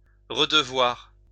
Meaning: 1. to owe again 2. to have to again
- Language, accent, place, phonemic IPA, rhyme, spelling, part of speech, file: French, France, Lyon, /ʁə.də.vwaʁ/, -waʁ, redevoir, verb, LL-Q150 (fra)-redevoir.wav